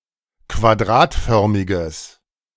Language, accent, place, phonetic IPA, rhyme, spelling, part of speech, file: German, Germany, Berlin, [kvaˈdʁaːtˌfœʁmɪɡəs], -aːtfœʁmɪɡəs, quadratförmiges, adjective, De-quadratförmiges.ogg
- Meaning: strong/mixed nominative/accusative neuter singular of quadratförmig